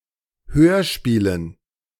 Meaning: dative plural of Hörspiel
- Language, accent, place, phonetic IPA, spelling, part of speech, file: German, Germany, Berlin, [ˈhøːɐ̯ˌʃpiːlən], Hörspielen, noun, De-Hörspielen.ogg